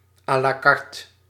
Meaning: 1. allowing selection only from a fixed list of options, typically shown on a menu 2. with each dish priced 3. from any longlist of options, or even free choice, as opposed to a shortlist
- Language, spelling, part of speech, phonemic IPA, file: Dutch, à la carte, phrase, /ˌalaˈkɑrt/, Nl-à la carte.ogg